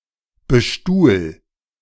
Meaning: 1. singular imperative of bestuhlen 2. first-person singular present of bestuhlen
- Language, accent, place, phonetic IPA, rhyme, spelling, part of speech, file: German, Germany, Berlin, [bəˈʃtuːl], -uːl, bestuhl, verb, De-bestuhl.ogg